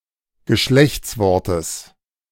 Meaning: genitive of Geschlechtswort
- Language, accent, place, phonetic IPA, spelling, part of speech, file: German, Germany, Berlin, [ɡəˈʃlɛçt͡sˌvɔʁtəs], Geschlechtswortes, noun, De-Geschlechtswortes.ogg